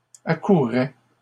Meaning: third-person singular imperfect indicative of accourir
- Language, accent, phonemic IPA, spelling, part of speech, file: French, Canada, /a.ku.ʁɛ/, accourait, verb, LL-Q150 (fra)-accourait.wav